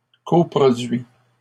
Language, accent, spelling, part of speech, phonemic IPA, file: French, Canada, coproduit, noun, /kɔ.pʁɔ.dɥi/, LL-Q150 (fra)-coproduit.wav
- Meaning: coproduct